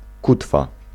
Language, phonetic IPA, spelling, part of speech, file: Polish, [ˈkutfa], kutwa, noun, Pl-kutwa.ogg